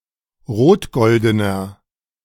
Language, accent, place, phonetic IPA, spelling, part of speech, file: German, Germany, Berlin, [ˈʁoːtˌɡɔldənɐ], rotgoldener, adjective, De-rotgoldener.ogg
- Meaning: inflection of rotgolden: 1. strong/mixed nominative masculine singular 2. strong genitive/dative feminine singular 3. strong genitive plural